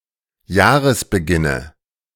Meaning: nominative/accusative/genitive plural of Jahresbeginn
- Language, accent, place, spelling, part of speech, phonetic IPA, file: German, Germany, Berlin, Jahresbeginne, noun, [ˈjaːʁəsbəˌɡɪnə], De-Jahresbeginne.ogg